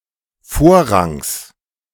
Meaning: genitive singular of Vorrang
- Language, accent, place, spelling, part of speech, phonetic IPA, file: German, Germany, Berlin, Vorrangs, noun, [ˈfoːɐ̯ˌʁaŋs], De-Vorrangs.ogg